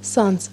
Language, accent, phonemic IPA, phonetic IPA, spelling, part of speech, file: Armenian, Eastern Armenian, /sɑnd͡z/, [sɑnd͡z], սանձ, noun, Hy-սանձ.ogg
- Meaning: 1. bit (metal in horse's mouth) 2. bridle 3. check, curb